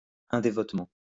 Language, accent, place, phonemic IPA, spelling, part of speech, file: French, France, Lyon, /ɛ̃.de.vɔt.mɑ̃/, indévotement, adverb, LL-Q150 (fra)-indévotement.wav
- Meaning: indevoutly